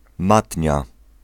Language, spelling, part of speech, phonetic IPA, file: Polish, matnia, noun, [ˈmatʲɲa], Pl-matnia.ogg